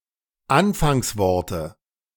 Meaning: nominative/accusative/genitive plural of Anfangswort
- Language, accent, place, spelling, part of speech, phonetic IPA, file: German, Germany, Berlin, Anfangsworte, noun, [ˈanfaŋsˌvɔʁtə], De-Anfangsworte.ogg